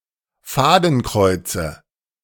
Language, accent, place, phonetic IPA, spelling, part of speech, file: German, Germany, Berlin, [ˈfaːdn̩ˌkʁɔɪ̯t͡sə], Fadenkreuze, noun, De-Fadenkreuze.ogg
- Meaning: nominative/accusative/genitive plural of Fadenkreuz